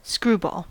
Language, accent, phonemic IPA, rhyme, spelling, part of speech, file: English, US, /ˈskɹuːbɔːl/, -uːbɔːl, screwball, noun / adjective, En-us-screwball.ogg
- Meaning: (noun) A pitch thrown with added pressure by the index finger and a twisting wrist motion resulting in a motion to the right when thrown by a right-handed pitcher